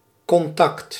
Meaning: 1. physical contact, touching 2. contact (close association) 3. contact (communication, exchange) 4. contact (someone with whom communication has been established)
- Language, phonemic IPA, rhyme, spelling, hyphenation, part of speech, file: Dutch, /kɔnˈtɑkt/, -ɑkt, contact, con‧tact, noun, Nl-contact.ogg